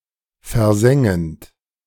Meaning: present participle of versengen
- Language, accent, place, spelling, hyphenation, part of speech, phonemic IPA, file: German, Germany, Berlin, versengend, ver‧sen‧gend, verb, /fɛɐ̯ˈzɛŋənt/, De-versengend.ogg